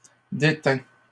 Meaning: third-person singular imperfect subjunctive of détenir
- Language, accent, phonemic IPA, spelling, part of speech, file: French, Canada, /de.tɛ̃/, détînt, verb, LL-Q150 (fra)-détînt.wav